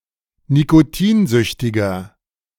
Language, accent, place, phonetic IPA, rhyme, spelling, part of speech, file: German, Germany, Berlin, [nikoˈtiːnˌzʏçtɪɡɐ], -iːnzʏçtɪɡɐ, nikotinsüchtiger, adjective, De-nikotinsüchtiger.ogg
- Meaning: inflection of nikotinsüchtig: 1. strong/mixed nominative masculine singular 2. strong genitive/dative feminine singular 3. strong genitive plural